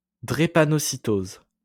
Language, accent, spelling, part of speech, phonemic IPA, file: French, France, drépanocytose, noun, /dʁe.pa.nɔ.si.toz/, LL-Q150 (fra)-drépanocytose.wav
- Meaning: sickle-cell anemia